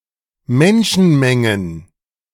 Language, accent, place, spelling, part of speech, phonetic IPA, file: German, Germany, Berlin, Menschenmengen, noun, [ˈmɛnʃn̩ˌmɛŋən], De-Menschenmengen.ogg
- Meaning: plural of Menschenmenge